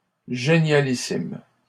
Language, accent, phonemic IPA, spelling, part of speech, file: French, Canada, /ʒe.nja.li.sim/, génialissime, adjective, LL-Q150 (fra)-génialissime.wav
- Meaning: superlative degree of génial: supergreat